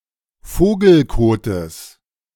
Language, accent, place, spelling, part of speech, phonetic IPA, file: German, Germany, Berlin, Vogelkotes, noun, [ˈfoːɡl̩ˌkoːtəs], De-Vogelkotes.ogg
- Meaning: genitive singular of Vogelkot